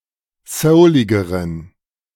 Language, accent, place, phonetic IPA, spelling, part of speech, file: German, Germany, Berlin, [ˈsəʊlɪɡəʁən], souligeren, adjective, De-souligeren.ogg
- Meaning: inflection of soulig: 1. strong genitive masculine/neuter singular comparative degree 2. weak/mixed genitive/dative all-gender singular comparative degree